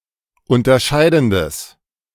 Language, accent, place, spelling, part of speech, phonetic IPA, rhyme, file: German, Germany, Berlin, unterscheidendes, adjective, [ˌʊntɐˈʃaɪ̯dn̩dəs], -aɪ̯dn̩dəs, De-unterscheidendes.ogg
- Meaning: strong/mixed nominative/accusative neuter singular of unterscheidend